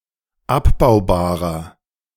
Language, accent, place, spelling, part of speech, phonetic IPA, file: German, Germany, Berlin, abbaubarer, adjective, [ˈapbaʊ̯baːʁɐ], De-abbaubarer.ogg
- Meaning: inflection of abbaubar: 1. strong/mixed nominative masculine singular 2. strong genitive/dative feminine singular 3. strong genitive plural